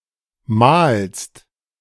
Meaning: second-person singular present of mahlen
- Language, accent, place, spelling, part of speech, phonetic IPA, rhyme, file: German, Germany, Berlin, mahlst, verb, [maːlst], -aːlst, De-mahlst.ogg